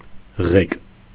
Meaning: 1. rudder 2. steering wheel 3. helm, wheel 4. handlebar
- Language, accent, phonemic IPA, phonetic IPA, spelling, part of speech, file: Armenian, Eastern Armenian, /ʁek/, [ʁek], ղեկ, noun, Hy-ղեկ.ogg